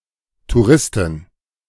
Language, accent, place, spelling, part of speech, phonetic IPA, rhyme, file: German, Germany, Berlin, Touristin, noun, [tuˈʁɪstɪn], -ɪstɪn, De-Touristin.ogg
- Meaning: female equivalent of Tourist